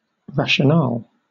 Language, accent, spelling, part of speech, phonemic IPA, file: English, Southern England, rationale, noun, /ˌɹæʃ.əˈnɑːl/, LL-Q1860 (eng)-rationale.wav
- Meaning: 1. An explanation of the basis or fundamental reasons for something 2. A justification or rationalization for something 3. A liturgical vestment worn by some Christian bishops of various denominations